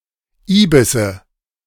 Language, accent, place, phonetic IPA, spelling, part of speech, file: German, Germany, Berlin, [ˈiːbɪsə], Ibisse, noun, De-Ibisse.ogg
- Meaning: nominative/accusative/genitive plural of Ibis